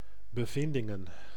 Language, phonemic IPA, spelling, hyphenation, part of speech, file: Dutch, /bəˈvɪndɪŋə(n)/, bevindingen, be‧vin‧din‧gen, noun, Nl-bevindingen.ogg
- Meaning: plural of bevinding